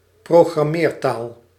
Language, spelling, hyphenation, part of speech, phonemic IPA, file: Dutch, programmeertaal, pro‧gram‧meer‧taal, noun, /proː.ɣrɑˈmeːrˌtaːl/, Nl-programmeertaal.ogg
- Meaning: a programming language